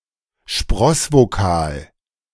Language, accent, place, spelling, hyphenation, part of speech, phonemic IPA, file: German, Germany, Berlin, Sprossvokal, Spross‧vo‧kal, noun, /ˈʃpʁɔsvoˌkaːl/, De-Sprossvokal.ogg
- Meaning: anaptyxis